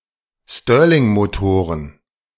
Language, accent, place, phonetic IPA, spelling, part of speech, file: German, Germany, Berlin, [ˈstøːɐ̯lɪŋmoˌtoːʁən], Stirlingmotoren, noun, De-Stirlingmotoren.ogg
- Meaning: plural of Stirlingmotor